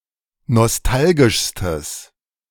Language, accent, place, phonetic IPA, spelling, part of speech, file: German, Germany, Berlin, [nɔsˈtalɡɪʃstəs], nostalgischstes, adjective, De-nostalgischstes.ogg
- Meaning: strong/mixed nominative/accusative neuter singular superlative degree of nostalgisch